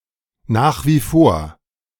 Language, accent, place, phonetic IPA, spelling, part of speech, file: German, Germany, Berlin, [naːx viː foːɐ̯], nach wie vor, phrase, De-nach wie vor.ogg
- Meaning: still; used to emphatically describe an unchanged state, despite attempts or expectations of change